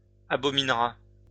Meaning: third-person singular simple future of abominer
- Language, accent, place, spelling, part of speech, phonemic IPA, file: French, France, Lyon, abominera, verb, /a.bɔ.min.ʁa/, LL-Q150 (fra)-abominera.wav